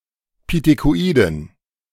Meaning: inflection of pithekoid: 1. strong genitive masculine/neuter singular 2. weak/mixed genitive/dative all-gender singular 3. strong/weak/mixed accusative masculine singular 4. strong dative plural
- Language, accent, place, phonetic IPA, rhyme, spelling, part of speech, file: German, Germany, Berlin, [pitekoˈʔiːdn̩], -iːdn̩, pithekoiden, adjective, De-pithekoiden.ogg